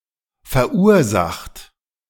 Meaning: 1. past participle of verursachen 2. inflection of verursachen: third-person singular present 3. inflection of verursachen: second-person plural present 4. inflection of verursachen: plural imperative
- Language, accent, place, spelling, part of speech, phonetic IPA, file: German, Germany, Berlin, verursacht, verb, [fɛɐ̯ˈʔuːɐ̯ˌzaxt], De-verursacht.ogg